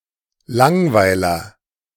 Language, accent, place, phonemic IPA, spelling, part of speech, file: German, Germany, Berlin, /ˈlaŋˌvaɪ̯lɐ/, Langweiler, noun, De-Langweiler.ogg
- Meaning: a bore, boring person